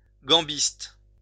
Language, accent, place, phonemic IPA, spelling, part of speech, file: French, France, Lyon, /ɡɑ̃.bist/, gambiste, noun, LL-Q150 (fra)-gambiste.wav
- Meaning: a person who plays the viola da gamba